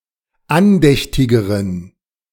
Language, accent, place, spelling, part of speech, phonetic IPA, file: German, Germany, Berlin, andächtigeren, adjective, [ˈanˌdɛçtɪɡəʁən], De-andächtigeren.ogg
- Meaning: inflection of andächtig: 1. strong genitive masculine/neuter singular comparative degree 2. weak/mixed genitive/dative all-gender singular comparative degree